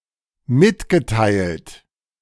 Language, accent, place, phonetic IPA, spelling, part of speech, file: German, Germany, Berlin, [ˈmɪtɡəˌtaɪ̯lt], mitgeteilt, verb, De-mitgeteilt.ogg
- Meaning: past participle of mitteilen